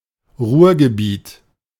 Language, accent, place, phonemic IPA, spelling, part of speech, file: German, Germany, Berlin, /ˈʁuːɐ̯ɡəˌbiːt/, Ruhrgebiet, proper noun, De-Ruhrgebiet.ogg
- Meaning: The Ruhr Area, North Rhine-Westphalia, Germany